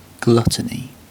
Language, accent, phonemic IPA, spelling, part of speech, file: English, UK, /ˈɡlʌ.tən.i/, gluttony, noun, En-uk-gluttony.ogg
- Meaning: The vice of eating to excess